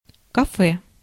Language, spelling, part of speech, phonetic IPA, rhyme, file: Russian, кафе, noun, [kɐˈfɛ], -ɛ, Ru-кафе.ogg
- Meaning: café